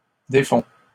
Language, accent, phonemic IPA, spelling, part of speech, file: French, Canada, /de.fɔ̃/, défont, verb, LL-Q150 (fra)-défont.wav
- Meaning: third-person plural present indicative of défaire